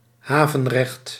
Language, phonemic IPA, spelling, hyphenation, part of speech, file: Dutch, /ˈɦaː.və(n)ˌrɛxt/, havenrecht, ha‧ven‧recht, noun, Nl-havenrecht.ogg
- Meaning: 1. right to use a harbour 2. fee or duty paid for using a harbour